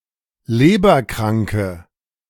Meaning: inflection of leberkrank: 1. strong/mixed nominative/accusative feminine singular 2. strong nominative/accusative plural 3. weak nominative all-gender singular
- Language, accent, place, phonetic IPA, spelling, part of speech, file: German, Germany, Berlin, [ˈleːbɐˌkʁaŋkə], leberkranke, adjective, De-leberkranke.ogg